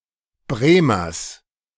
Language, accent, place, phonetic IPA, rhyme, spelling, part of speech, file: German, Germany, Berlin, [ˈbʁeːmɐs], -eːmɐs, Bremers, noun, De-Bremers.ogg
- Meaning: genitive of Bremer